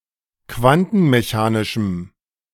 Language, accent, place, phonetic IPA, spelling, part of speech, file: German, Germany, Berlin, [ˈkvantn̩meˌçaːnɪʃm̩], quantenmechanischem, adjective, De-quantenmechanischem.ogg
- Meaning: strong dative masculine/neuter singular of quantenmechanisch